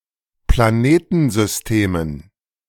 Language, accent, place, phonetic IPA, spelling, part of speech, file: German, Germany, Berlin, [plaˈneːtn̩zʏsˌteːmən], Planetensystemen, noun, De-Planetensystemen.ogg
- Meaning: dative plural of Planetensystem